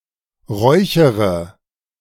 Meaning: inflection of räuchern: 1. first-person singular present 2. first/third-person singular subjunctive I 3. singular imperative
- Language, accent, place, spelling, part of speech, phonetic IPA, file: German, Germany, Berlin, räuchere, verb, [ˈʁɔɪ̯çəʁə], De-räuchere.ogg